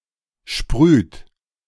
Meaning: inflection of sprühen: 1. third-person singular present 2. second-person plural present 3. plural imperative
- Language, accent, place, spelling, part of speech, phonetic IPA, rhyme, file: German, Germany, Berlin, sprüht, verb, [ʃpʁyːt], -yːt, De-sprüht.ogg